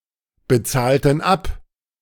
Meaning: inflection of abbezahlen: 1. first/third-person plural preterite 2. first/third-person plural subjunctive II
- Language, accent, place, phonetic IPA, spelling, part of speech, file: German, Germany, Berlin, [bəˌt͡saːltn̩ ˈap], bezahlten ab, verb, De-bezahlten ab.ogg